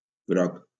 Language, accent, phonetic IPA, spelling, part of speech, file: Catalan, Valencia, [ˈɡɾɔk], groc, adjective, LL-Q7026 (cat)-groc.wav
- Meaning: yellow